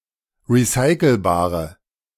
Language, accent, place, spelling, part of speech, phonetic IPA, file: German, Germany, Berlin, recycelbare, adjective, [ʁiˈsaɪ̯kl̩baːʁə], De-recycelbare.ogg
- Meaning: inflection of recycelbar: 1. strong/mixed nominative/accusative feminine singular 2. strong nominative/accusative plural 3. weak nominative all-gender singular